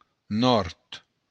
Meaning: north
- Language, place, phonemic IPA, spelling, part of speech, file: Occitan, Béarn, /nɔɾt/, nòrd, noun, LL-Q14185 (oci)-nòrd.wav